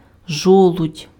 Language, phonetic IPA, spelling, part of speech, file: Ukrainian, [ˈʒɔɫʊdʲ], жолудь, noun, Uk-жолудь.ogg
- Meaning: acorn